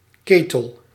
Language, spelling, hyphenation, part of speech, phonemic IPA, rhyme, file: Dutch, ketel, ke‧tel, noun, /ˈkeː.təl/, -eːtəl, Nl-ketel.ogg
- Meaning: 1. kettle, cauldron (a pot used to boil water) 2. boiler (device for heating a building)